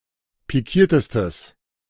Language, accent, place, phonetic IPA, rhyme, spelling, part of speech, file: German, Germany, Berlin, [piˈkiːɐ̯təstəs], -iːɐ̯təstəs, pikiertestes, adjective, De-pikiertestes.ogg
- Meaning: strong/mixed nominative/accusative neuter singular superlative degree of pikiert